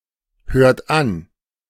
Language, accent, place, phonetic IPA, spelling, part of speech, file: German, Germany, Berlin, [ˌhøːɐ̯t ˈan], hört an, verb, De-hört an.ogg
- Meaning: inflection of anhören: 1. second-person plural present 2. third-person singular present 3. plural imperative